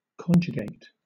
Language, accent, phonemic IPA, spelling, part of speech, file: English, Southern England, /ˈkɒn.d͡ʒə.ɡeɪt/, conjugate, verb, LL-Q1860 (eng)-conjugate.wav
- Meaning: 1. To inflect (a verb) for each person, in order, for one or more tenses; to list or recite its principal parts 2. To multiply on the left by one element and on the right by its inverse